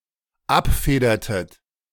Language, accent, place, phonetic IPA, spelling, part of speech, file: German, Germany, Berlin, [ˈapˌfeːdɐtət], abfedertet, verb, De-abfedertet.ogg
- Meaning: inflection of abfedern: 1. second-person plural dependent preterite 2. second-person plural dependent subjunctive II